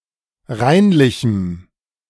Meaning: strong dative masculine/neuter singular of reinlich
- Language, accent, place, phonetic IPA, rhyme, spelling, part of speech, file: German, Germany, Berlin, [ˈʁaɪ̯nlɪçm̩], -aɪ̯nlɪçm̩, reinlichem, adjective, De-reinlichem.ogg